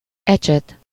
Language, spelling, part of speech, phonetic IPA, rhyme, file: Hungarian, ecset, noun, [ˈɛt͡ʃɛt], -ɛt, Hu-ecset.ogg
- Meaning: brush (for painting or gentle cleaning)